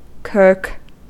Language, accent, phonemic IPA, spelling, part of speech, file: English, General American, /kɜɹk/, kirk, noun, En-us-kirk.ogg
- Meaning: A church